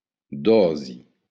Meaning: dose (a measured portion of medicine taken at any one time)
- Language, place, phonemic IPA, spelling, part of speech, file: Occitan, Béarn, /ˈdɔzi/, dòsi, noun, LL-Q14185 (oci)-dòsi.wav